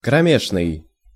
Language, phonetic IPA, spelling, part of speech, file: Russian, [krɐˈmʲeʂnɨj], кромешный, adjective, Ru-кромешный.ogg
- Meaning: 1. pitch-black, impenetrable (darkness) 2. sheer, absolute, utter